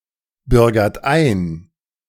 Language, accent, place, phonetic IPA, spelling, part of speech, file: German, Germany, Berlin, [ˌbʏʁɡɐt ˈaɪ̯n], bürgert ein, verb, De-bürgert ein.ogg
- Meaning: inflection of einbürgern: 1. second-person plural present 2. third-person singular present 3. plural imperative